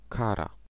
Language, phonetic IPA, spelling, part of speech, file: Polish, [ˈkara], kara, noun / adjective, Pl-kara.ogg